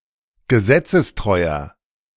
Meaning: inflection of gesetzestreu: 1. strong/mixed nominative masculine singular 2. strong genitive/dative feminine singular 3. strong genitive plural
- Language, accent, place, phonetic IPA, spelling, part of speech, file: German, Germany, Berlin, [ɡəˈzɛt͡səsˌtʁɔɪ̯ɐ], gesetzestreuer, adjective, De-gesetzestreuer.ogg